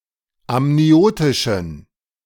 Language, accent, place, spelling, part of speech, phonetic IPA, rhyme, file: German, Germany, Berlin, amniotischen, adjective, [amniˈoːtɪʃn̩], -oːtɪʃn̩, De-amniotischen.ogg
- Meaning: inflection of amniotisch: 1. strong genitive masculine/neuter singular 2. weak/mixed genitive/dative all-gender singular 3. strong/weak/mixed accusative masculine singular 4. strong dative plural